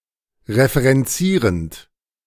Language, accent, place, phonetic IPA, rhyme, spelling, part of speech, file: German, Germany, Berlin, [ʁefəʁɛnˈt͡siːʁənt], -iːʁənt, referenzierend, verb, De-referenzierend.ogg
- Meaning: present participle of referenzieren